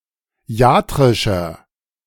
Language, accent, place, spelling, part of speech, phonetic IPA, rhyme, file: German, Germany, Berlin, iatrischer, adjective, [ˈi̯aːtʁɪʃɐ], -aːtʁɪʃɐ, De-iatrischer.ogg
- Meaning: inflection of iatrisch: 1. strong/mixed nominative masculine singular 2. strong genitive/dative feminine singular 3. strong genitive plural